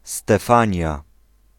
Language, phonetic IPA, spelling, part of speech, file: Polish, [stɛˈfãɲja], Stefania, proper noun, Pl-Stefania.ogg